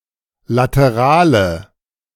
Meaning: inflection of lateral: 1. strong/mixed nominative/accusative feminine singular 2. strong nominative/accusative plural 3. weak nominative all-gender singular 4. weak accusative feminine/neuter singular
- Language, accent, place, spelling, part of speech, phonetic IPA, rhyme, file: German, Germany, Berlin, laterale, adjective, [ˌlatəˈʁaːlə], -aːlə, De-laterale.ogg